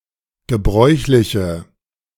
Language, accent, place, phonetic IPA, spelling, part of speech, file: German, Germany, Berlin, [ɡəˈbʁɔʏ̯çlɪçə], gebräuchliche, adjective, De-gebräuchliche.ogg
- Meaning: inflection of gebräuchlich: 1. strong/mixed nominative/accusative feminine singular 2. strong nominative/accusative plural 3. weak nominative all-gender singular